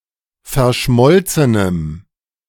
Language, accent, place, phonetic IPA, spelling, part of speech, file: German, Germany, Berlin, [fɛɐ̯ˈʃmɔlt͡sənəm], verschmolzenem, adjective, De-verschmolzenem.ogg
- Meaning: strong dative masculine/neuter singular of verschmolzen